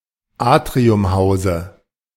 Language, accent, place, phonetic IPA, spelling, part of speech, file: German, Germany, Berlin, [ˈaːtʁiʊmˌhaʊ̯zə], Atriumhause, noun, De-Atriumhause.ogg
- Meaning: dative singular of Atriumhaus